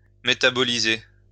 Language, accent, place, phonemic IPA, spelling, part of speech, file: French, France, Lyon, /me.ta.bɔ.li.ze/, métaboliser, verb, LL-Q150 (fra)-métaboliser.wav
- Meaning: to metabolize